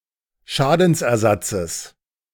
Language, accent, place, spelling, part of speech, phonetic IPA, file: German, Germany, Berlin, Schadensersatzes, noun, [ˈʃaːdn̩sʔɛɐ̯ˌzat͡səs], De-Schadensersatzes.ogg
- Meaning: genitive of Schadensersatz